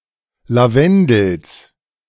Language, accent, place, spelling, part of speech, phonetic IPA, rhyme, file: German, Germany, Berlin, Lavendels, noun, [laˈvɛndl̩s], -ɛndl̩s, De-Lavendels.ogg
- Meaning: genitive singular of Lavendel